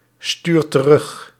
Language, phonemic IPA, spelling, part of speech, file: Dutch, /ˈstyrt t(ə)ˈrʏx/, stuurt terug, verb, Nl-stuurt terug.ogg
- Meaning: inflection of terugsturen: 1. second/third-person singular present indicative 2. plural imperative